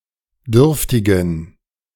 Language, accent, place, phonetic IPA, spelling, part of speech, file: German, Germany, Berlin, [ˈdʏʁftɪɡn̩], dürftigen, adjective, De-dürftigen.ogg
- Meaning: inflection of dürftig: 1. strong genitive masculine/neuter singular 2. weak/mixed genitive/dative all-gender singular 3. strong/weak/mixed accusative masculine singular 4. strong dative plural